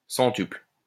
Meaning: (noun) hundredfold quantity; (verb) inflection of centupler: 1. first/third-person singular present indicative/subjunctive 2. second-person singular imperative
- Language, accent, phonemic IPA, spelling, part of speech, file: French, France, /sɑ̃.typl/, centuple, noun / verb, LL-Q150 (fra)-centuple.wav